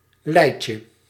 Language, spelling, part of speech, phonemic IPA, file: Dutch, leitje, noun, /ˈlɛicə/, Nl-leitje.ogg
- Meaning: diminutive of lei